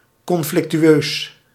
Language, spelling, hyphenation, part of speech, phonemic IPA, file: Dutch, conflictueus, con‧flic‧tu‧eus, adjective, /ˌkɔn.flɪk.tyˈøːs/, Nl-conflictueus.ogg
- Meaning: conflictional, involving, characterised by or causing conflict